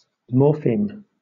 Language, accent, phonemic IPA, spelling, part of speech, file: English, Southern England, /ˈmɔː.fiːm/, morpheme, noun, LL-Q1860 (eng)-morpheme.wav
- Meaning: The smallest linguistic unit within a word that can carry a meaning. It may be a letter, a syllable, or otherwise